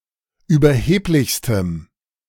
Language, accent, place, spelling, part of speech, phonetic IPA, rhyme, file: German, Germany, Berlin, überheblichstem, adjective, [yːbɐˈheːplɪçstəm], -eːplɪçstəm, De-überheblichstem.ogg
- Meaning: strong dative masculine/neuter singular superlative degree of überheblich